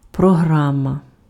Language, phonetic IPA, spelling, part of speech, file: Ukrainian, [prɔˈɦramɐ], програма, noun, Uk-програма.ogg
- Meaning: 1. program 2. programme 3. syllabus